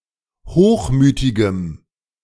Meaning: strong dative masculine/neuter singular of hochmütig
- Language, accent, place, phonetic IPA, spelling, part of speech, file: German, Germany, Berlin, [ˈhoːxˌmyːtɪɡəm], hochmütigem, adjective, De-hochmütigem.ogg